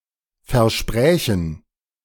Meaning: first/third-person plural subjunctive II of versprechen
- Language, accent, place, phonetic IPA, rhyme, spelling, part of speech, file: German, Germany, Berlin, [fɛɐ̯ˈʃpʁɛːçn̩], -ɛːçn̩, versprächen, verb, De-versprächen.ogg